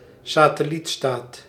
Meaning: a satellite state (formally sovereign state subject to another jurisdiction)
- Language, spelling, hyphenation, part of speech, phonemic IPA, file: Dutch, satellietstaat, sa‧tel‧liet‧staat, noun, /saː.təˈlitˌstaːt/, Nl-satellietstaat.ogg